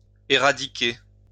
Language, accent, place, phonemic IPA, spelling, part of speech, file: French, France, Lyon, /e.ʁa.di.ke/, éradiquer, verb, LL-Q150 (fra)-éradiquer.wav
- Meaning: to eradicate